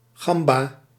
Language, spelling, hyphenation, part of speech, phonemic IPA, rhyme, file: Dutch, gamba, gam‧ba, noun, /ˈɣɑm.baː/, -ɑmbaː, Nl-gamba.ogg
- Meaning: 1. viola da gamba 2. scampi, prawn